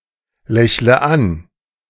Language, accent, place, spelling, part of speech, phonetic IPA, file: German, Germany, Berlin, lächle an, verb, [ˌlɛçlə ˈan], De-lächle an.ogg
- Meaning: inflection of anlächeln: 1. first-person singular present 2. first/third-person singular subjunctive I 3. singular imperative